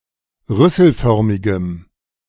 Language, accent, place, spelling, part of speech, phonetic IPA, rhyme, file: German, Germany, Berlin, rüsselförmigem, adjective, [ˈʁʏsl̩ˌfœʁmɪɡəm], -ʏsl̩fœʁmɪɡəm, De-rüsselförmigem.ogg
- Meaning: strong dative masculine/neuter singular of rüsselförmig